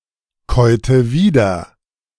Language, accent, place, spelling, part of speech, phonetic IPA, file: German, Germany, Berlin, käute wieder, verb, [ˌkɔɪ̯tə ˈviːdɐ], De-käute wieder.ogg
- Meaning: inflection of wiederkäuen: 1. first/third-person singular preterite 2. first/third-person singular subjunctive II